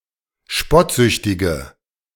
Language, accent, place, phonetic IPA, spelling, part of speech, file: German, Germany, Berlin, [ˈʃpɔtˌzʏçtɪɡə], spottsüchtige, adjective, De-spottsüchtige.ogg
- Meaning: inflection of spottsüchtig: 1. strong/mixed nominative/accusative feminine singular 2. strong nominative/accusative plural 3. weak nominative all-gender singular